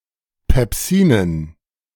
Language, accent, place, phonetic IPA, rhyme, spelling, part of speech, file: German, Germany, Berlin, [pɛpˈziːnən], -iːnən, Pepsinen, noun, De-Pepsinen.ogg
- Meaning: dative plural of Pepsin